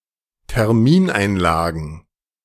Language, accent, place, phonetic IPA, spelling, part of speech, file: German, Germany, Berlin, [tɛʁˈmiːnʔaɪ̯nˌlaːɡn̩], Termineinlagen, noun, De-Termineinlagen.ogg
- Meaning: plural of Termineinlage